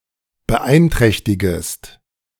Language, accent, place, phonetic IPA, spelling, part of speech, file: German, Germany, Berlin, [bəˈʔaɪ̯nˌtʁɛçtɪɡəst], beeinträchtigest, verb, De-beeinträchtigest.ogg
- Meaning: second-person singular subjunctive I of beeinträchtigen